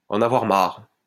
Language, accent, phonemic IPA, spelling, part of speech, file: French, France, /ɑ̃.n‿a.vwaʁ maʁ/, en avoir marre, verb, LL-Q150 (fra)-en avoir marre.wav
- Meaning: to be fed up (with), to have had it, to be sick and tired (of)